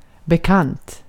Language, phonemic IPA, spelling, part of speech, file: Swedish, /bəˈkant/, bekant, adjective / noun, Sv-bekant.ogg
- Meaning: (adjective) 1. known, familiar 2. acquainted; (noun) an acquaintance